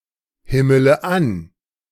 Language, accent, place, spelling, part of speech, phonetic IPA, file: German, Germany, Berlin, himmele an, verb, [ˌhɪmələ ˈan], De-himmele an.ogg
- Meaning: inflection of anhimmeln: 1. first-person singular present 2. first/third-person singular subjunctive I 3. singular imperative